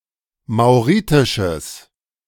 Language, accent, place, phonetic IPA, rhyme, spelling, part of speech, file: German, Germany, Berlin, [maʊ̯ˈʁiːtɪʃəs], -iːtɪʃəs, mauritisches, adjective, De-mauritisches.ogg
- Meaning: strong/mixed nominative/accusative neuter singular of mauritisch